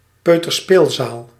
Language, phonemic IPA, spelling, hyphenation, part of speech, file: Dutch, /ˌpøː.tərˈspeːl.zaːl/, peuterspeelzaal, peu‧ter‧speel‧zaal, noun, Nl-peuterspeelzaal.ogg
- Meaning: an educational institution (nursery school) for children usually aged 2 to 4, with a strong focus on play and socialising